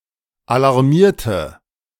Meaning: inflection of alarmieren: 1. first/third-person singular preterite 2. first/third-person singular subjunctive II
- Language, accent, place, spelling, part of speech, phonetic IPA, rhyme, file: German, Germany, Berlin, alarmierte, adjective / verb, [alaʁˈmiːɐ̯tə], -iːɐ̯tə, De-alarmierte.ogg